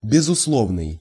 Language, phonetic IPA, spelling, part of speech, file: Russian, [bʲɪzʊsˈɫovnɨj], безусловный, adjective, Ru-безусловный.ogg
- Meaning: 1. absolute, unconditional 2. undoubted, indisputable